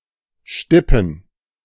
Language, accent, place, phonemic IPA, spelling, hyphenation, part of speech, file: German, Germany, Berlin, /ˈʃtɪpən/, stippen, stip‧pen, verb, De-stippen.ogg
- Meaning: 1. to dip (lower into a liquid) 2. to pat, tap (touch, often repeatedly) 3. to dock (pierce with holes)